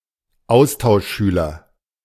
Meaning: exchange student
- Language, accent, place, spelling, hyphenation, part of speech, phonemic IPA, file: German, Germany, Berlin, Austauschschüler, Aus‧tausch‧schü‧ler, noun, /ˈaʊ̯staʊ̯ʃˌʃyːlɐ/, De-Austauschschüler.ogg